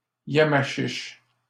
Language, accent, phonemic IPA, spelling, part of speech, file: French, Canada, /ja.ma.ʃiʃ/, Yamachiche, proper noun, LL-Q150 (fra)-Yamachiche.wav
- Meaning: 1. a town and municipality of the administrative region of Mauricie, Quebec, Canada 2. a river in the administrative region of Mauricie, Quebec, Canada